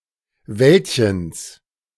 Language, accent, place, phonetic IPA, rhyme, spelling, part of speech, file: German, Germany, Berlin, [ˈvɛltçəns], -ɛltçəns, Wäldchens, noun, De-Wäldchens.ogg
- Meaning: genitive of Wäldchen